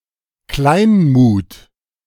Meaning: lack of self-confidence
- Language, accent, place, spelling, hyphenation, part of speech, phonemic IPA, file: German, Germany, Berlin, Kleinmut, Klein‧mut, noun, /ˈklaɪ̯nmuːt/, De-Kleinmut.ogg